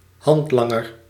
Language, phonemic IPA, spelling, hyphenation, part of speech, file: Dutch, /ˈɦɑntˌlɑ.ŋər/, handlanger, hand‧lan‧ger, noun, Nl-handlanger.ogg
- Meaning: 1. accomplice, henchman (one who assists in criminal or unethical activity) 2. assistant; helper